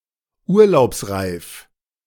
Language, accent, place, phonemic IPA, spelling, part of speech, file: German, Germany, Berlin, /ˈuːɐ̯laʊ̯psˌʁaɪ̯f/, urlaubsreif, adjective, De-urlaubsreif.ogg
- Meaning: needing a holiday; overworked